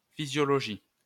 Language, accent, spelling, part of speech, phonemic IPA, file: French, France, physiologie, noun, /fi.zjɔ.lɔ.ʒi/, LL-Q150 (fra)-physiologie.wav
- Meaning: 1. physiology 2. natural philosophy, natural science